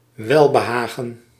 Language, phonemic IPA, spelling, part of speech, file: Dutch, /ˈwɛlbəˌhaɣə(n)/, welbehagen, noun, Nl-welbehagen.ogg
- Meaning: pleasure